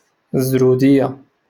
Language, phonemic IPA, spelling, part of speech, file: Moroccan Arabic, /zruː.dij.ja/, زرودية, noun, LL-Q56426 (ary)-زرودية.wav
- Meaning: carrot, carrots